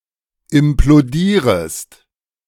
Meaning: second-person singular subjunctive I of implodieren
- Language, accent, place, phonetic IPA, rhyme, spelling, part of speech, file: German, Germany, Berlin, [ɪmploˈdiːʁəst], -iːʁəst, implodierest, verb, De-implodierest.ogg